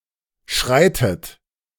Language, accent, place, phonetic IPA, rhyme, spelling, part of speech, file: German, Germany, Berlin, [ˈʃʁaɪ̯tət], -aɪ̯tət, schreitet, verb, De-schreitet.ogg
- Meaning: inflection of schreiten: 1. third-person singular present 2. second-person plural present 3. second-person plural subjunctive I 4. plural imperative